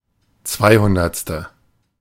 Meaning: two-hundredth
- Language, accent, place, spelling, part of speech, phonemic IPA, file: German, Germany, Berlin, zweihundertste, adjective, /ˈt͡svaɪ̯hʊndɐt͡stə/, De-zweihundertste.ogg